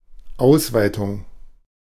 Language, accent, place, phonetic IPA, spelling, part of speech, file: German, Germany, Berlin, [ˈaʊ̯svaɪ̯tʊŋ], Ausweitung, noun, De-Ausweitung.ogg
- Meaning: 1. increase 2. expansion, extension